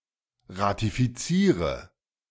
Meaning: inflection of ratifizieren: 1. first-person singular present 2. singular imperative 3. first/third-person singular subjunctive I
- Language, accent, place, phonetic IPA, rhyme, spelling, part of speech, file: German, Germany, Berlin, [ʁatifiˈt͡siːʁə], -iːʁə, ratifiziere, verb, De-ratifiziere.ogg